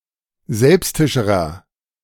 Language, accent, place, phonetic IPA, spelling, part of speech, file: German, Germany, Berlin, [ˈzɛlpstɪʃəʁɐ], selbstischerer, adjective, De-selbstischerer.ogg
- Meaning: inflection of selbstisch: 1. strong/mixed nominative masculine singular comparative degree 2. strong genitive/dative feminine singular comparative degree 3. strong genitive plural comparative degree